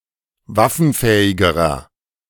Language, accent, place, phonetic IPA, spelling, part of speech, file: German, Germany, Berlin, [ˈvafn̩ˌfɛːɪɡəʁɐ], waffenfähigerer, adjective, De-waffenfähigerer.ogg
- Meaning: inflection of waffenfähig: 1. strong/mixed nominative masculine singular comparative degree 2. strong genitive/dative feminine singular comparative degree 3. strong genitive plural comparative degree